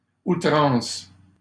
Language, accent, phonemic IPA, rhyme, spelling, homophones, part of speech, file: French, Canada, /u.tʁɑ̃s/, -ɑ̃s, outrance, outrances, noun, LL-Q150 (fra)-outrance.wav
- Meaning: 1. extravagance 2. excess